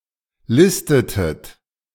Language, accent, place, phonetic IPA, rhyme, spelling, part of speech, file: German, Germany, Berlin, [ˈlɪstətət], -ɪstətət, listetet, verb, De-listetet.ogg
- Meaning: inflection of listen: 1. second-person plural preterite 2. second-person plural subjunctive II